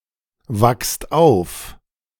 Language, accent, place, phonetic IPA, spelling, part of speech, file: German, Germany, Berlin, [ˌvakst ˈaʊ̯f], wachst auf, verb, De-wachst auf.ogg
- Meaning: second-person singular present of aufwachen